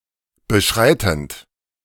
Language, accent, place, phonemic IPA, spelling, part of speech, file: German, Germany, Berlin, /bəˈʃʁaɪ̯tənd/, beschreitend, verb, De-beschreitend.ogg
- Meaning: present participle of beschreiten